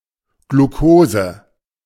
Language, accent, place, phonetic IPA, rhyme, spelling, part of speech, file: German, Germany, Berlin, [ɡluˈkoːzə], -oːzə, Glucose, noun, De-Glucose.ogg
- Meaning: alternative spelling of Glukose